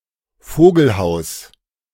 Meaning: birdhouse
- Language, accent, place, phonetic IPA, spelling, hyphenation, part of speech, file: German, Germany, Berlin, [ˈfoːɡl̩ˌhaʊ̯s], Vogelhaus, Vo‧gel‧haus, noun, De-Vogelhaus.ogg